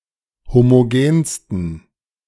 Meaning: 1. superlative degree of homogen 2. inflection of homogen: strong genitive masculine/neuter singular superlative degree
- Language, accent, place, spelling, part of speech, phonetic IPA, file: German, Germany, Berlin, homogensten, adjective, [ˌhomoˈɡeːnstn̩], De-homogensten.ogg